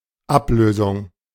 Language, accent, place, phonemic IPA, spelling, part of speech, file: German, Germany, Berlin, /ˈapˌløːzʊŋ/, Ablösung, noun, De-Ablösung.ogg
- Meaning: 1. removal 2. relief, replacement